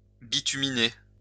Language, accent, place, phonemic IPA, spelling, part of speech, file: French, France, Lyon, /bi.ty.mi.ne/, bituminer, verb, LL-Q150 (fra)-bituminer.wav
- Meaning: to bituminize